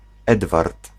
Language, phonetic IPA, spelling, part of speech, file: Polish, [ˈɛdvart], Edward, proper noun / noun, Pl-Edward.ogg